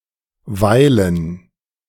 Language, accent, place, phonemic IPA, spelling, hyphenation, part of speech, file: German, Germany, Berlin, /ˈvaɪ̯.lən/, weilen, wei‧len, verb, De-weilen.ogg
- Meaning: 1. to be, be present somewhere 2. to linger, spend time (in some temporary manner) at some place, with someone, or in some state